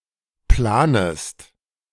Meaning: second-person singular subjunctive I of planen
- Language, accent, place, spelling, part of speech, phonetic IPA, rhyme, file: German, Germany, Berlin, planest, verb, [ˈplaːnəst], -aːnəst, De-planest.ogg